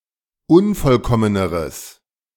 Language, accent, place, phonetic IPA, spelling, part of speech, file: German, Germany, Berlin, [ˈʊnfɔlˌkɔmənəʁəs], unvollkommeneres, adjective, De-unvollkommeneres.ogg
- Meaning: strong/mixed nominative/accusative neuter singular comparative degree of unvollkommen